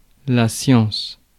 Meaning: 1. science (field of study, etc.) 2. knowledge
- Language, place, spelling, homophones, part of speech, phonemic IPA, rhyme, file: French, Paris, science, sciences, noun, /sjɑ̃s/, -ɑ̃s, Fr-science.ogg